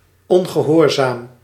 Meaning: disobedient
- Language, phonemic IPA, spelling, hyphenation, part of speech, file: Dutch, /ˌɔn.ɣəˈɦɔːr.zaːm/, ongehoorzaam, on‧ge‧hoor‧zaam, adjective, Nl-ongehoorzaam.ogg